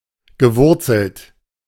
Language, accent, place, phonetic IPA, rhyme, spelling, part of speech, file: German, Germany, Berlin, [ɡəˈvʊʁt͡sl̩t], -ʊʁt͡sl̩t, gewurzelt, verb, De-gewurzelt.ogg
- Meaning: past participle of wurzeln